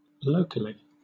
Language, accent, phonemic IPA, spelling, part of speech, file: English, Southern England, /ˈləʊkəli/, locally, adverb, LL-Q1860 (eng)-locally.wav
- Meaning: 1. With respect to place; in place 2. In or from the local area 3. In a restricted part of the body